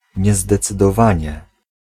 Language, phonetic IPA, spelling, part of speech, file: Polish, [ˌɲɛzdɛt͡sɨdɔˈvãɲɛ], niezdecydowanie, noun / adverb, Pl-niezdecydowanie.ogg